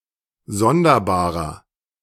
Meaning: 1. comparative degree of sonderbar 2. inflection of sonderbar: strong/mixed nominative masculine singular 3. inflection of sonderbar: strong genitive/dative feminine singular
- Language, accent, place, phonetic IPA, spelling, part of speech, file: German, Germany, Berlin, [ˈzɔndɐˌbaːʁɐ], sonderbarer, adjective, De-sonderbarer.ogg